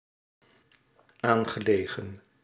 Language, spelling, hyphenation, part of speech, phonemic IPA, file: Dutch, aangelegen, aan‧ge‧le‧gen, adjective / verb, /aːn.ɣə.leː.ɣə(n)/, Nl-aangelegen.ogg
- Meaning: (adjective) 1. bordering, adjacent, coterminous 2. important; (verb) past participle of aanliggen